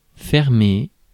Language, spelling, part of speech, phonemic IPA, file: French, fermer, verb, /fɛʁ.me/, Fr-fermer.ogg
- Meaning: 1. to shut 2. to close 3. to do up (of clothing) 4. to switch off, to turn off (of a device or an appliance) 5. to shut down, to discontinue, to axe (of a service)